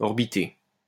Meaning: to orbit (circle another object)
- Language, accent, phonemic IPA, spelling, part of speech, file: French, France, /ɔʁ.bi.te/, orbiter, verb, LL-Q150 (fra)-orbiter.wav